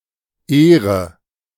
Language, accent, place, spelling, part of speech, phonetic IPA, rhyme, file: German, Germany, Berlin, ehre, verb, [ˈeːʁə], -eːʁə, De-ehre.ogg
- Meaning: inflection of ehren: 1. first-person singular present 2. first/third-person singular subjunctive I 3. singular imperative